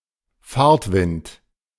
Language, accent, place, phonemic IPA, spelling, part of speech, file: German, Germany, Berlin, /ˈfaːrtˌvɪnt/, Fahrtwind, noun, De-Fahrtwind.ogg
- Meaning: The airstream created by a fast-moving vehicle, experienced by those on that vehicle as a headwind